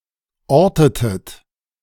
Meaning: inflection of orten: 1. second-person plural preterite 2. second-person plural subjunctive II
- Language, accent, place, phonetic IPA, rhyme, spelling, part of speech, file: German, Germany, Berlin, [ˈɔʁtətət], -ɔʁtətət, ortetet, verb, De-ortetet.ogg